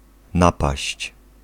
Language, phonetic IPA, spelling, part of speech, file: Polish, [ˈnapaɕt͡ɕ], napaść, noun / verb, Pl-napaść.ogg